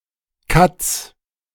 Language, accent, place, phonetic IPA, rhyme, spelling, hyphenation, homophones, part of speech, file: German, Germany, Berlin, [kat͡s], -ats, Katz, Katz, Kats, noun, De-Katz.ogg
- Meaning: apocopic form of Katze (“cat”)